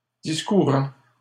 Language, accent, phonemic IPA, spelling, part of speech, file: French, Canada, /dis.ku.ʁɑ̃/, discourant, verb, LL-Q150 (fra)-discourant.wav
- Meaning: present participle of discourir